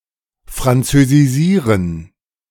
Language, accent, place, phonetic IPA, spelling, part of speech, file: German, Germany, Berlin, [fʁant͡søziˈziːʁən], französisieren, verb, De-französisieren.ogg
- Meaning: To Frenchify (frenchify), Gallicise (gallicise), Gallicize (gallicize)